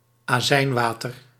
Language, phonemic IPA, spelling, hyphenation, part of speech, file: Dutch, /aːˈzɛi̯nˌʋaː.tər/, azijnwater, azijn‧wa‧ter, noun, Nl-azijnwater.ogg
- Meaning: a dilute vinegar solution; a dilute solution of acetic acid in water